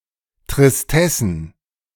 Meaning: plural of Tristesse
- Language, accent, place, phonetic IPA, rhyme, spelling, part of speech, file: German, Germany, Berlin, [tʁɪsˈtɛsn̩], -ɛsn̩, Tristessen, noun, De-Tristessen.ogg